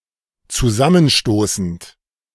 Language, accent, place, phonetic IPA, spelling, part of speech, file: German, Germany, Berlin, [t͡suˈzamənˌʃtoːsn̩t], zusammenstoßend, verb, De-zusammenstoßend.ogg
- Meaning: present participle of zusammenstoßen